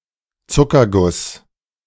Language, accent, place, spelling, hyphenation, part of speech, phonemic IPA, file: German, Germany, Berlin, Zuckerguss, Zu‧cker‧guss, noun, /ˈtsʊkɐˌɡʊs/, De-Zuckerguss.ogg
- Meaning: frosting, icing